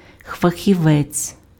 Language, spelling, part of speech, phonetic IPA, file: Ukrainian, фахівець, noun, [fɐxʲiˈʋɛt͡sʲ], Uk-фахівець.ogg
- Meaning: specialist, expert